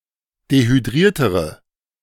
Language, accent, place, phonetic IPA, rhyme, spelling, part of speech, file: German, Germany, Berlin, [dehyˈdʁiːɐ̯təʁə], -iːɐ̯təʁə, dehydriertere, adjective, De-dehydriertere.ogg
- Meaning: inflection of dehydriert: 1. strong/mixed nominative/accusative feminine singular comparative degree 2. strong nominative/accusative plural comparative degree